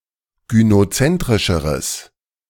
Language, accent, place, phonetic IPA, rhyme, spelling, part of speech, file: German, Germany, Berlin, [ɡynoˈt͡sɛntʁɪʃəʁəs], -ɛntʁɪʃəʁəs, gynozentrischeres, adjective, De-gynozentrischeres.ogg
- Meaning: strong/mixed nominative/accusative neuter singular comparative degree of gynozentrisch